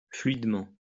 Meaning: fluidly
- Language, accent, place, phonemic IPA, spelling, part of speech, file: French, France, Lyon, /flɥid.mɑ̃/, fluidement, adverb, LL-Q150 (fra)-fluidement.wav